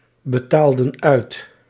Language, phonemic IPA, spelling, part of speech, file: Dutch, /bəˈtaldə(n) ˈœyt/, betaalden uit, verb, Nl-betaalden uit.ogg
- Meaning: inflection of uitbetalen: 1. plural past indicative 2. plural past subjunctive